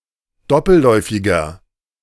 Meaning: inflection of doppelläufig: 1. strong/mixed nominative masculine singular 2. strong genitive/dative feminine singular 3. strong genitive plural
- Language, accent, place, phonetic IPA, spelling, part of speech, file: German, Germany, Berlin, [ˈdɔpl̩ˌlɔɪ̯fɪɡɐ], doppelläufiger, adjective, De-doppelläufiger.ogg